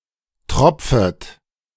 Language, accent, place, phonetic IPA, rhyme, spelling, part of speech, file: German, Germany, Berlin, [ˈtʁɔp͡fət], -ɔp͡fət, tropfet, verb, De-tropfet.ogg
- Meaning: second-person plural subjunctive I of tropfen